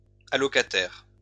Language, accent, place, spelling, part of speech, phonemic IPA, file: French, France, Lyon, allocataire, noun, /a.lɔ.ka.tɛʁ/, LL-Q150 (fra)-allocataire.wav
- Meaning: beneficiary